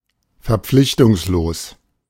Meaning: unobligated, uncommitted
- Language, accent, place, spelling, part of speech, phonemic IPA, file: German, Germany, Berlin, verpflichtungslos, adjective, /ˌfɛɐ̯ˈpflɪçtʊŋsloːs/, De-verpflichtungslos.ogg